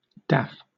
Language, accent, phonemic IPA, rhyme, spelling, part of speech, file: English, Southern England, /dæf/, -æf, daff, noun / verb, LL-Q1860 (eng)-daff.wav
- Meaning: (noun) A fool; an idiot; a blockhead; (verb) 1. To be foolish; make sport; play; toy 2. To daunt 3. To toss (aside); to dismiss 4. To turn (someone) aside; divert; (noun) Clipping of daffodil